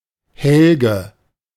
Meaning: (proper noun) 1. a male given name 2. a female given name of less common usage, variant of Helga; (noun) alternative form of Helling
- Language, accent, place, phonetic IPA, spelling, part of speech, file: German, Germany, Berlin, [ˈhɛlɡə], Helge, proper noun / noun, De-Helge.ogg